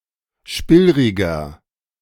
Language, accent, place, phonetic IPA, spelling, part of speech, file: German, Germany, Berlin, [ˈʃpɪlʁɪɡɐ], spillriger, adjective, De-spillriger.ogg
- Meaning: 1. comparative degree of spillrig 2. inflection of spillrig: strong/mixed nominative masculine singular 3. inflection of spillrig: strong genitive/dative feminine singular